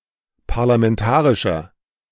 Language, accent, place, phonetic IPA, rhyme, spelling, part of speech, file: German, Germany, Berlin, [paʁlamɛnˈtaːʁɪʃɐ], -aːʁɪʃɐ, parlamentarischer, adjective, De-parlamentarischer.ogg
- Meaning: inflection of parlamentarisch: 1. strong/mixed nominative masculine singular 2. strong genitive/dative feminine singular 3. strong genitive plural